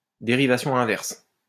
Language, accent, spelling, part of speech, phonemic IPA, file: French, France, dérivation inverse, noun, /de.ʁi.va.sjɔ̃ ɛ̃.vɛʁs/, LL-Q150 (fra)-dérivation inverse.wav
- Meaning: back-formation